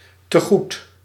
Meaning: credit, amount you are owed
- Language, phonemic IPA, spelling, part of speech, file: Dutch, /təˈɣut/, tegoed, noun, Nl-tegoed.ogg